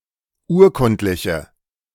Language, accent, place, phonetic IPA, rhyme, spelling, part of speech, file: German, Germany, Berlin, [ˈuːɐ̯ˌkʊntlɪçə], -uːɐ̯kʊntlɪçə, urkundliche, adjective, De-urkundliche.ogg
- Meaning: inflection of urkundlich: 1. strong/mixed nominative/accusative feminine singular 2. strong nominative/accusative plural 3. weak nominative all-gender singular